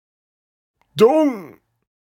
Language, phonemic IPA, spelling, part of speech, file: German, /dʊŋ/, Dung, noun, De-Dung.ogg
- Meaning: dung